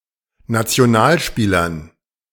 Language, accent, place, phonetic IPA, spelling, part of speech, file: German, Germany, Berlin, [nat͡si̯oˈnaːlˌʃpiːlɐn], Nationalspielern, noun, De-Nationalspielern.ogg
- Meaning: dative plural of Nationalspieler